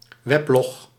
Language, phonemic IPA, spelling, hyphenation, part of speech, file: Dutch, /ˈʋɛp.lɔx/, weblog, web‧log, noun, Nl-weblog.ogg
- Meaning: a weblog